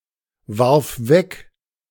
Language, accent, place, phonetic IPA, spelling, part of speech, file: German, Germany, Berlin, [ˌvaʁf ˈvɛk], warf weg, verb, De-warf weg.ogg
- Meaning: first/third-person singular preterite of wegwerfen